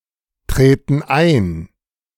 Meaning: inflection of eintreten: 1. first/third-person plural present 2. first/third-person plural subjunctive I
- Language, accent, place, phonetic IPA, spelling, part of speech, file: German, Germany, Berlin, [ˌtʁeːtn̩ ˈaɪ̯n], treten ein, verb, De-treten ein.ogg